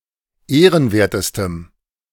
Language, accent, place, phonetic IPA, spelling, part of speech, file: German, Germany, Berlin, [ˈeːʁənˌveːɐ̯təstəm], ehrenwertestem, adjective, De-ehrenwertestem.ogg
- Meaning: strong dative masculine/neuter singular superlative degree of ehrenwert